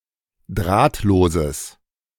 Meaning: strong/mixed nominative/accusative neuter singular of drahtlos
- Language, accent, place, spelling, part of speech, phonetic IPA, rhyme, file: German, Germany, Berlin, drahtloses, adjective, [ˈdʁaːtloːzəs], -aːtloːzəs, De-drahtloses.ogg